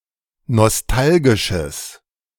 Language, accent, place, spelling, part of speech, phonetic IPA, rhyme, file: German, Germany, Berlin, nostalgisches, adjective, [nɔsˈtalɡɪʃəs], -alɡɪʃəs, De-nostalgisches.ogg
- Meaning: strong/mixed nominative/accusative neuter singular of nostalgisch